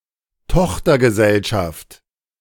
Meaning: 1. subsidiary (company) 2. affiliate
- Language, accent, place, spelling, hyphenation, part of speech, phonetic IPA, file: German, Germany, Berlin, Tochtergesellschaft, Toch‧ter‧ge‧sell‧schaft, noun, [ˈtɔxtɐɡəˌzɛlʃaft], De-Tochtergesellschaft.ogg